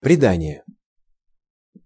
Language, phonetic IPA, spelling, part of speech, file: Russian, [prʲɪˈdanʲɪje], предание, noun, Ru-предание.ogg
- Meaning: 1. handing over, committing 2. legend; tradition